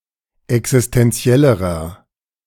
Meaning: inflection of existentiell: 1. strong/mixed nominative masculine singular comparative degree 2. strong genitive/dative feminine singular comparative degree 3. strong genitive plural comparative degree
- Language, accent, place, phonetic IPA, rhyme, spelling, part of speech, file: German, Germany, Berlin, [ɛksɪstɛnˈt͡si̯ɛləʁɐ], -ɛləʁɐ, existentiellerer, adjective, De-existentiellerer.ogg